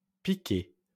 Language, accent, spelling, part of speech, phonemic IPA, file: French, France, piquait, verb, /pi.kɛ/, LL-Q150 (fra)-piquait.wav
- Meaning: third-person singular imperfect indicative of piquer